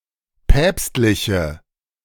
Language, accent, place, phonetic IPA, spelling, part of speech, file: German, Germany, Berlin, [ˈpɛːpstlɪçə], päpstliche, adjective, De-päpstliche.ogg
- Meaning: inflection of päpstlich: 1. strong/mixed nominative/accusative feminine singular 2. strong nominative/accusative plural 3. weak nominative all-gender singular